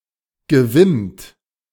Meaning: past participle of wimmen
- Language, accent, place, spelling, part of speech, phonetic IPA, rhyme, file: German, Germany, Berlin, gewimmt, verb, [ɡəˈvɪmt], -ɪmt, De-gewimmt.ogg